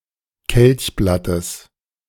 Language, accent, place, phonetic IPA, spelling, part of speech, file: German, Germany, Berlin, [ˈkɛlçˌblatəs], Kelchblattes, noun, De-Kelchblattes.ogg
- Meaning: genitive singular of Kelchblatt